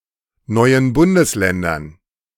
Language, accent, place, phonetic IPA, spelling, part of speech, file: German, Germany, Berlin, [ˌnɔɪ̯ən ˈbʊndəsˌlɛndɐn], neuen Bundesländern, noun, De-neuen Bundesländern.ogg
- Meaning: strong/weak/mixed dative plural of neues Bundesland